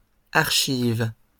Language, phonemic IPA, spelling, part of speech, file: French, /aʁ.ʃiv/, archive, noun / verb, LL-Q150 (fra)-archive.wav
- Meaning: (noun) 1. an item in an archive, a document kept for historical interest 2. singular of archives; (verb) inflection of archiver: first/third-person singular present indicative/subjunctive